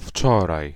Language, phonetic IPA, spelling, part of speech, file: Polish, [ˈft͡ʃɔraj], wczoraj, adverb / noun, Pl-wczoraj.ogg